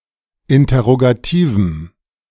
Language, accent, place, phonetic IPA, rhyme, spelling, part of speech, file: German, Germany, Berlin, [ˌɪntɐʁoɡaˈtiːvm̩], -iːvm̩, interrogativem, adjective, De-interrogativem.ogg
- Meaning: strong dative masculine/neuter singular of interrogativ